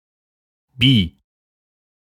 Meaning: clipping of bisexuell
- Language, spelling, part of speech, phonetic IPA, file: German, bi, adjective, [biː], De-bi.ogg